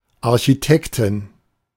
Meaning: architect (female)
- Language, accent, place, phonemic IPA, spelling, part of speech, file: German, Germany, Berlin, /aʁçiˈtɛktɪn/, Architektin, noun, De-Architektin.ogg